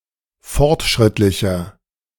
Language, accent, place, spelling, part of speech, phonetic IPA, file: German, Germany, Berlin, fortschrittlicher, adjective, [ˈfɔʁtˌʃʁɪtlɪçɐ], De-fortschrittlicher.ogg
- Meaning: 1. comparative degree of fortschrittlich 2. inflection of fortschrittlich: strong/mixed nominative masculine singular 3. inflection of fortschrittlich: strong genitive/dative feminine singular